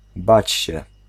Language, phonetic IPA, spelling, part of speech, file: Polish, [ˈbat͡ɕ‿ɕɛ], bać się, verb, Pl-bać się.ogg